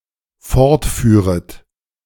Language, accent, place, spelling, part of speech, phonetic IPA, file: German, Germany, Berlin, fortführet, verb, [ˈfɔʁtˌfyːʁət], De-fortführet.ogg
- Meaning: second-person plural dependent subjunctive II of fortfahren